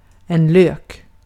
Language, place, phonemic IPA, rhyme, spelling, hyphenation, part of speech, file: Swedish, Gotland, /løːk/, -øːk, lök, lök, noun, Sv-lök.ogg
- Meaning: 1. onion (a genus of plants – see also Allium) 2. an onion 3. onion 4. a bulb (the bulb-shaped root portion of a plant such as a tulip, from which the rest of the plant may be regrown)